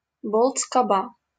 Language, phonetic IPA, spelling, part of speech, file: Russian, [skɐˈba], скоба, noun, LL-Q7737 (rus)-скоба.wav
- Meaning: cramp, crampon, staple, bracket, shackle